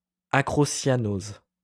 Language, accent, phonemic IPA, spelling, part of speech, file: French, France, /a.kʁɔ.sja.noz/, acrocyanose, noun, LL-Q150 (fra)-acrocyanose.wav
- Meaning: acrocyanosis